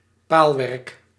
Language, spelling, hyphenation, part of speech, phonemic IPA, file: Dutch, paalwerk, paal‧werk, noun, /ˈpaːl.ʋɛrk/, Nl-paalwerk.ogg
- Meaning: fence (constructed from posts)